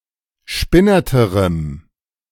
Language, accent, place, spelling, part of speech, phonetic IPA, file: German, Germany, Berlin, spinnerterem, adjective, [ˈʃpɪnɐtəʁəm], De-spinnerterem.ogg
- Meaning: strong dative masculine/neuter singular comparative degree of spinnert